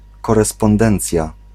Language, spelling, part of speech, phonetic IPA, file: Polish, korespondencja, noun, [ˌkɔrɛspɔ̃nˈdɛ̃nt͡sʲja], Pl-korespondencja.ogg